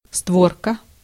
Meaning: leaf, fold, panel (One of the movably attached, opening and closing parts or halves of a structure, gate, window, etc. Each of the components of a portable folding mirror, screen, etc.)
- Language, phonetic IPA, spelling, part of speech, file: Russian, [ˈstvorkə], створка, noun, Ru-створка.ogg